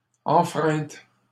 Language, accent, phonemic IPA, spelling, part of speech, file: French, Canada, /ɑ̃.fʁɛ̃t/, enfreintes, noun, LL-Q150 (fra)-enfreintes.wav
- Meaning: plural of enfreinte